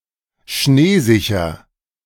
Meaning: snow-assured (of a winter sports location)
- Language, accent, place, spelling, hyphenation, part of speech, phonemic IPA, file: German, Germany, Berlin, schneesicher, schnee‧si‧cher, adjective, /ˈʃneːˌzɪçɐ/, De-schneesicher.ogg